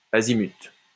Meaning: 1. azimuth 2. bearing
- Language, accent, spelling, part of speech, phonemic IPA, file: French, France, azimut, noun, /a.zi.myt/, LL-Q150 (fra)-azimut.wav